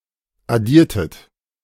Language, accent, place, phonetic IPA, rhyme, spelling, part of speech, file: German, Germany, Berlin, [aˈdiːɐ̯tət], -iːɐ̯tət, addiertet, verb, De-addiertet.ogg
- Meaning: inflection of addieren: 1. second-person plural preterite 2. second-person plural subjunctive II